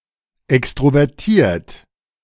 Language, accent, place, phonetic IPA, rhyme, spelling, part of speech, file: German, Germany, Berlin, [ˌɛkstʁovɛʁˈtiːɐ̯t], -iːɐ̯t, extrovertiert, adjective, De-extrovertiert.ogg
- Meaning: extroverted